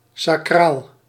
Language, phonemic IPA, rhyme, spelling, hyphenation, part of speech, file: Dutch, /saːˈkraːl/, -aːl, sacraal, sa‧craal, adjective, Nl-sacraal.ogg
- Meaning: 1. holy, sacred 2. consecrated, cultic, ritual, ritualistic 3. sacral, pertaining to the sacrum